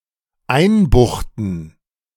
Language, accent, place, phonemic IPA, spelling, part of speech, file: German, Germany, Berlin, /ˈaɪ̯nˌbʊxtn̩/, einbuchten, verb, De-einbuchten.ogg
- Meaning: to bang up (put in prison)